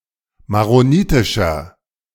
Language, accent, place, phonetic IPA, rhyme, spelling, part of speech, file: German, Germany, Berlin, [maʁoˈniːtɪʃɐ], -iːtɪʃɐ, maronitischer, adjective, De-maronitischer.ogg
- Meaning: inflection of maronitisch: 1. strong/mixed nominative masculine singular 2. strong genitive/dative feminine singular 3. strong genitive plural